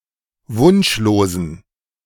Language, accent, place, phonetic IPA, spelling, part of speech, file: German, Germany, Berlin, [ˈvʊnʃloːzn̩], wunschlosen, adjective, De-wunschlosen.ogg
- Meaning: inflection of wunschlos: 1. strong genitive masculine/neuter singular 2. weak/mixed genitive/dative all-gender singular 3. strong/weak/mixed accusative masculine singular 4. strong dative plural